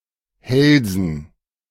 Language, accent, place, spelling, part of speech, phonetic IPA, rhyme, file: German, Germany, Berlin, Hälsen, noun, [ˈhɛlzn̩], -ɛlzn̩, De-Hälsen.ogg
- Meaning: dative plural of Hals